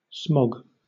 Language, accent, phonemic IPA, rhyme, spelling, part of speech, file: English, Southern England, /smɒɡ/, -ɒɡ, smog, noun / verb, LL-Q1860 (eng)-smog.wav
- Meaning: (noun) A noxious mixture of particulates and gases that is the result of urban air pollution; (verb) To get a smog check; to check a vehicle or have it checked for emissions